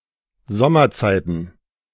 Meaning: plural of Sommerzeit
- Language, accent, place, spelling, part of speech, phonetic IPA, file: German, Germany, Berlin, Sommerzeiten, noun, [ˈzɔmɐˌt͡saɪ̯tn̩], De-Sommerzeiten.ogg